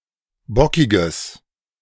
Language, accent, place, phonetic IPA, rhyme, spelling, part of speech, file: German, Germany, Berlin, [ˈbɔkɪɡəs], -ɔkɪɡəs, bockiges, adjective, De-bockiges.ogg
- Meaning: strong/mixed nominative/accusative neuter singular of bockig